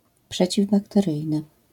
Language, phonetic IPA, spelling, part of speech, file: Polish, [ˌpʃɛt͡ɕivbaktɛˈrɨjnɨ], przeciwbakteryjny, adjective, LL-Q809 (pol)-przeciwbakteryjny.wav